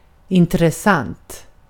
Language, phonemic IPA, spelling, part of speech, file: Swedish, /ɪntrɛˈsanːt/, intressant, adjective, Sv-intressant.ogg
- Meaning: interesting (arousing or holding the attention of)